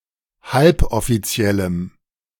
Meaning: strong dative masculine/neuter singular of halboffiziell
- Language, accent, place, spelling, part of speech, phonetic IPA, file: German, Germany, Berlin, halboffiziellem, adjective, [ˈhalpʔɔfiˌt͡si̯ɛləm], De-halboffiziellem.ogg